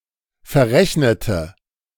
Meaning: inflection of verrechnen: 1. first/third-person singular preterite 2. first/third-person singular subjunctive II
- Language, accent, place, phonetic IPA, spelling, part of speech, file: German, Germany, Berlin, [fɛɐ̯ˈʁɛçnətə], verrechnete, adjective / verb, De-verrechnete.ogg